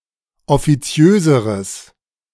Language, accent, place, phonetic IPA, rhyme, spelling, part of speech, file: German, Germany, Berlin, [ɔfiˈt͡si̯øːzəʁəs], -øːzəʁəs, offiziöseres, adjective, De-offiziöseres.ogg
- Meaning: strong/mixed nominative/accusative neuter singular comparative degree of offiziös